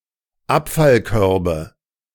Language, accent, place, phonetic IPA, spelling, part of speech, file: German, Germany, Berlin, [ˈapfalˌkœʁbə], Abfallkörbe, noun, De-Abfallkörbe.ogg
- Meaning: nominative/accusative/genitive plural of Abfallkorb